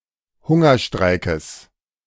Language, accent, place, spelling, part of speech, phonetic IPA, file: German, Germany, Berlin, Hungerstreikes, noun, [ˈhʊŋɐˌʃtʁaɪ̯kəs], De-Hungerstreikes.ogg
- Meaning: genitive of Hungerstreik